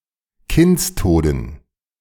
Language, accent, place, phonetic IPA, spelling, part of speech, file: German, Germany, Berlin, [ˈkɪnt͡sˌtoːdn̩], Kindstoden, noun, De-Kindstoden.ogg
- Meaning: dative plural of Kindstod